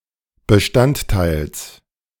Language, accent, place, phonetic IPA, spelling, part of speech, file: German, Germany, Berlin, [bəˈʃtantˌtaɪ̯ls], Bestandteils, noun, De-Bestandteils.ogg
- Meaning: genitive singular of Bestandteil